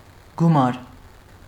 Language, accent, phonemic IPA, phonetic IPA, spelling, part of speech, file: Armenian, Eastern Armenian, /ɡuˈmɑɾ/, [ɡumɑ́ɾ], գումար, noun, Hy-գումար.ogg
- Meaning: 1. sum 2. money